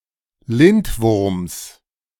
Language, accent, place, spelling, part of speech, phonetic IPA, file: German, Germany, Berlin, Lindwurms, noun, [ˈlɪntˌvʊʁms], De-Lindwurms.ogg
- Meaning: genitive singular of Lindwurm